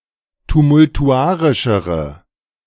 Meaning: inflection of tumultuarisch: 1. strong/mixed nominative/accusative feminine singular comparative degree 2. strong nominative/accusative plural comparative degree
- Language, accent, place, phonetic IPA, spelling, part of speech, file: German, Germany, Berlin, [tumʊltuˈʔaʁɪʃəʁə], tumultuarischere, adjective, De-tumultuarischere.ogg